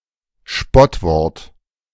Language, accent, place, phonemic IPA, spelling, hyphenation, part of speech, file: German, Germany, Berlin, /ˈʃpɔtˌvɔʁt/, Spottwort, Spott‧wort, noun, De-Spottwort.ogg
- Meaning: pejorative word